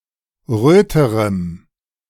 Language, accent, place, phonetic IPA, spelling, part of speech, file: German, Germany, Berlin, [ˈʁøːtəʁəm], röterem, adjective, De-röterem.ogg
- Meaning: strong dative masculine/neuter singular comparative degree of rot